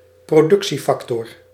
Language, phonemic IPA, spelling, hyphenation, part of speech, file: Dutch, /proːˈdʏk.(t)siˌfɑk.tɔr/, productiefactor, pro‧duc‧tie‧fac‧tor, noun, Nl-productiefactor.ogg
- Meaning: factor of production